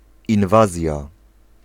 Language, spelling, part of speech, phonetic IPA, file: Polish, inwazja, noun, [ĩnˈvazʲja], Pl-inwazja.ogg